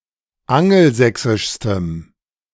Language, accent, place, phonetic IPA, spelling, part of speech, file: German, Germany, Berlin, [ˈaŋl̩ˌzɛksɪʃstəm], angelsächsischstem, adjective, De-angelsächsischstem.ogg
- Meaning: strong dative masculine/neuter singular superlative degree of angelsächsisch